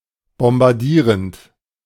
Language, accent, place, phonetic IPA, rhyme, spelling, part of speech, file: German, Germany, Berlin, [bɔmbaʁˈdiːʁənt], -iːʁənt, bombardierend, verb, De-bombardierend.ogg
- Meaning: present participle of bombardieren